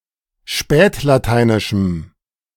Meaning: strong dative masculine/neuter singular of spätlateinisch
- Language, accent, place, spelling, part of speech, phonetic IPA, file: German, Germany, Berlin, spätlateinischem, adjective, [ˈʃpɛːtlaˌtaɪ̯nɪʃm̩], De-spätlateinischem.ogg